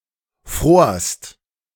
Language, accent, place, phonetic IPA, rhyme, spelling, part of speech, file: German, Germany, Berlin, [fʁoːɐ̯st], -oːɐ̯st, frorst, verb, De-frorst.ogg
- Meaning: second-person singular preterite of frieren